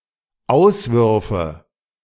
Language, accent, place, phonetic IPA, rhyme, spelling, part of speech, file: German, Germany, Berlin, [ˈaʊ̯sˌvʏʁfə], -aʊ̯svʏʁfə, auswürfe, verb, De-auswürfe.ogg
- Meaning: first/third-person singular dependent subjunctive II of auswerfen